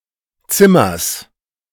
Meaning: genitive singular of Zimmer
- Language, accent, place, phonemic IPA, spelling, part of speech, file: German, Germany, Berlin, /ˈtsɪmɐs/, Zimmers, noun, De-Zimmers.ogg